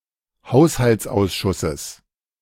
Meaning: genitive singular of Haushaltsausschuss
- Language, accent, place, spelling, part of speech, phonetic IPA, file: German, Germany, Berlin, Haushaltsausschusses, noun, [ˈhaʊ̯shalt͡sˌʔaʊ̯sʃʊsəs], De-Haushaltsausschusses.ogg